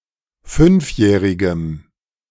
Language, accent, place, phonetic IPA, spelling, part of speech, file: German, Germany, Berlin, [ˈfʏnfˌjɛːʁɪɡəm], fünfjährigem, adjective, De-fünfjährigem.ogg
- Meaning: strong dative masculine/neuter singular of fünfjährig